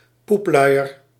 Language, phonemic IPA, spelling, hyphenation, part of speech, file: Dutch, /ˈpupˌlœy̯.ər/, poepluier, poep‧lui‧er, noun, Nl-poepluier.ogg
- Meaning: a soiled nappy, a soiled diaper (nappy/diaper containing excrement)